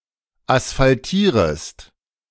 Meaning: second-person singular subjunctive I of asphaltieren
- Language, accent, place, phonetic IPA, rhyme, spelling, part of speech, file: German, Germany, Berlin, [asfalˈtiːʁəst], -iːʁəst, asphaltierest, verb, De-asphaltierest.ogg